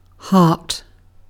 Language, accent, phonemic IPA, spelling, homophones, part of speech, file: English, Received Pronunciation, /hɑːt/, heart, Hart / hart, noun / verb, En-uk-heart.ogg
- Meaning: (noun) 1. A muscular organ that pumps blood through the body, traditionally thought to be the seat of emotion 2. One's feelings and emotions, especially considered as part of one's character